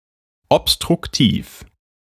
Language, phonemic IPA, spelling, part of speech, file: German, /ɔpstʁʊkˈtiːf/, obstruktiv, adjective, De-obstruktiv.ogg
- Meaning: obstructive